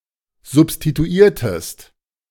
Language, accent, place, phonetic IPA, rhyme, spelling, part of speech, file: German, Germany, Berlin, [zʊpstituˈiːɐ̯təst], -iːɐ̯təst, substituiertest, verb, De-substituiertest.ogg
- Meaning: inflection of substituieren: 1. second-person singular preterite 2. second-person singular subjunctive II